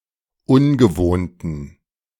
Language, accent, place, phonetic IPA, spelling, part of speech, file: German, Germany, Berlin, [ˈʊnɡəˌvoːntn̩], ungewohnten, adjective, De-ungewohnten.ogg
- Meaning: inflection of ungewohnt: 1. strong genitive masculine/neuter singular 2. weak/mixed genitive/dative all-gender singular 3. strong/weak/mixed accusative masculine singular 4. strong dative plural